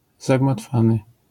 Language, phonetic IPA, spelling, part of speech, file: Polish, [ˌzaɡmatˈfãnɨ], zagmatwany, adjective, LL-Q809 (pol)-zagmatwany.wav